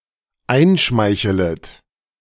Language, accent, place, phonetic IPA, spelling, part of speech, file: German, Germany, Berlin, [ˈaɪ̯nˌʃmaɪ̯çələt], einschmeichelet, verb, De-einschmeichelet.ogg
- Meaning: second-person plural dependent subjunctive I of einschmeicheln